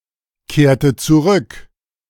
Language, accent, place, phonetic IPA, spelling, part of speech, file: German, Germany, Berlin, [ˌkeːɐ̯tə t͡suˈʁʏk], kehrte zurück, verb, De-kehrte zurück.ogg
- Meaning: inflection of zurückkehren: 1. first/third-person singular preterite 2. first/third-person singular subjunctive II